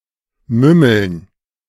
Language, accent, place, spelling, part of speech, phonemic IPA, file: German, Germany, Berlin, mümmeln, verb, /ˈmʏməln/, De-mümmeln.ogg
- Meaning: to nibble